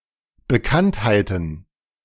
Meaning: plural of Bekanntheit
- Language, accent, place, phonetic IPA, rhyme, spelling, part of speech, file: German, Germany, Berlin, [bəˈkanthaɪ̯tn̩], -anthaɪ̯tn̩, Bekanntheiten, noun, De-Bekanntheiten.ogg